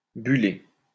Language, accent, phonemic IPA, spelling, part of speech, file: French, France, /by.le/, buller, verb, LL-Q150 (fra)-buller.wav
- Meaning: to bubble